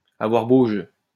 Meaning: for it to be easy for someone to do something, for it to be all very well for someone to do something, to have it easy
- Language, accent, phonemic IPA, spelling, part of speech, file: French, France, /a.vwaʁ bo ʒø/, avoir beau jeu, verb, LL-Q150 (fra)-avoir beau jeu.wav